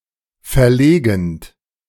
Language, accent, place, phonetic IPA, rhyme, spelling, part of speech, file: German, Germany, Berlin, [fɛɐ̯ˈleːɡn̩t], -eːɡn̩t, verlegend, verb, De-verlegend.ogg
- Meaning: present participle of verlegen